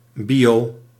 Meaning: clipping of biologie (“biology”)
- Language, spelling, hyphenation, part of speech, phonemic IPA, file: Dutch, bio, bio, noun, /ˈbi.oː/, Nl-bio.ogg